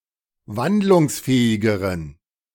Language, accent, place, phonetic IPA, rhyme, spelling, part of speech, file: German, Germany, Berlin, [ˈvandlʊŋsˌfɛːɪɡəʁən], -andlʊŋsfɛːɪɡəʁən, wandlungsfähigeren, adjective, De-wandlungsfähigeren.ogg
- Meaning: inflection of wandlungsfähig: 1. strong genitive masculine/neuter singular comparative degree 2. weak/mixed genitive/dative all-gender singular comparative degree